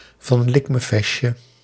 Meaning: of low quality or competence; worthless, good-for-nothing
- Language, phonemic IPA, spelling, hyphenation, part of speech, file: Dutch, /vɑn ˈlɪk.məˈvɛs.(t)jə/, van likmevestje, van lik‧me‧vest‧je, prepositional phrase, Nl-van likmevestje.ogg